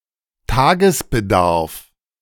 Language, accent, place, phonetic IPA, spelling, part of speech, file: German, Germany, Berlin, [ˈtaːɡəsbəˌdaʁf], Tagesbedarf, noun, De-Tagesbedarf.ogg
- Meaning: daily requirement(s)